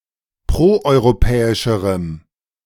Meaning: strong dative masculine/neuter singular comparative degree of proeuropäisch
- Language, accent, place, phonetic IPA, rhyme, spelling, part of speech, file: German, Germany, Berlin, [ˌpʁoʔɔɪ̯ʁoˈpɛːɪʃəʁəm], -ɛːɪʃəʁəm, proeuropäischerem, adjective, De-proeuropäischerem.ogg